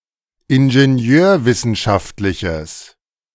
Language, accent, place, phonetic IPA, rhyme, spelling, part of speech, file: German, Germany, Berlin, [ɪnʒeˈni̯øːɐ̯ˌvɪsn̩ʃaftlɪçəs], -øːɐ̯vɪsn̩ʃaftlɪçəs, ingenieurwissenschaftliches, adjective, De-ingenieurwissenschaftliches.ogg
- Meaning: strong/mixed nominative/accusative neuter singular of ingenieurwissenschaftlich